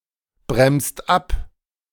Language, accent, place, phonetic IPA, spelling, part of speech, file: German, Germany, Berlin, [ˌbʁɛmst ˈap], bremst ab, verb, De-bremst ab.ogg
- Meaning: inflection of abbremsen: 1. second-person singular/plural present 2. third-person singular present 3. plural imperative